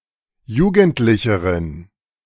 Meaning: inflection of jugendlich: 1. strong genitive masculine/neuter singular comparative degree 2. weak/mixed genitive/dative all-gender singular comparative degree
- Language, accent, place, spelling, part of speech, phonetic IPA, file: German, Germany, Berlin, jugendlicheren, adjective, [ˈjuːɡn̩tlɪçəʁən], De-jugendlicheren.ogg